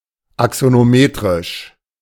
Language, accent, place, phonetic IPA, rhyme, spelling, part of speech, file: German, Germany, Berlin, [aksonoˈmeːtʁɪʃ], -eːtʁɪʃ, axonometrisch, adjective, De-axonometrisch.ogg
- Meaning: axonometric